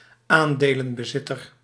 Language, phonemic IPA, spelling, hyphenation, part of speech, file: Dutch, /ˈaːn.deː.lə(n).bəˌzɪ.tər/, aandelenbezitter, aan‧de‧len‧be‧zit‧ter, noun, Nl-aandelenbezitter.ogg
- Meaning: shareholder